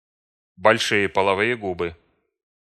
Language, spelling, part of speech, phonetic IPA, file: Russian, большие половые губы, noun, [bɐlʲˈʂɨje pəɫɐˈvɨje ˈɡubɨ], Ru-большие половые губы.ogg
- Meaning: labia majora